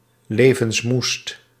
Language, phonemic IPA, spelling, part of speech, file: Dutch, /ˌlevənsˈmust/, levensmoest, adjective, Nl-levensmoest.ogg
- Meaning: superlative degree of levensmoe